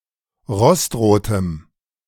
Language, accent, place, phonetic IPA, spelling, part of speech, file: German, Germany, Berlin, [ˈʁɔstˌʁoːtəm], rostrotem, adjective, De-rostrotem.ogg
- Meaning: strong dative masculine/neuter singular of rostrot